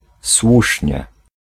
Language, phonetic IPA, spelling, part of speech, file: Polish, [ˈswuʃʲɲɛ], słusznie, adverb / interjection, Pl-słusznie.ogg